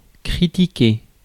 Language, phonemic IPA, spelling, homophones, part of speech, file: French, /kʁi.ti.ke/, critiquer, critiquai / critiqué / critiquée / critiquées / critiqués / critiquez, verb, Fr-critiquer.ogg
- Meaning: to criticise